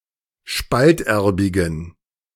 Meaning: inflection of spalterbig: 1. strong genitive masculine/neuter singular 2. weak/mixed genitive/dative all-gender singular 3. strong/weak/mixed accusative masculine singular 4. strong dative plural
- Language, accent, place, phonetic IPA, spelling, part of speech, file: German, Germany, Berlin, [ˈʃpaltˌʔɛʁbɪɡn̩], spalterbigen, adjective, De-spalterbigen.ogg